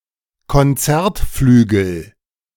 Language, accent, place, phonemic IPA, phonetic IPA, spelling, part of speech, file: German, Germany, Berlin, /kɔnˈt͡sɛʁtˌflyːɡl̩/, [kɔnˈtsɛɐ̯tˌflyːɡl̩], Konzertflügel, noun, De-Konzertflügel.ogg
- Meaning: concert grand, grand